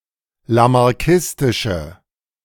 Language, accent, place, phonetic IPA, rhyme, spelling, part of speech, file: German, Germany, Berlin, [lamaʁˈkɪstɪʃə], -ɪstɪʃə, lamarckistische, adjective, De-lamarckistische.ogg
- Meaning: inflection of lamarckistisch: 1. strong/mixed nominative/accusative feminine singular 2. strong nominative/accusative plural 3. weak nominative all-gender singular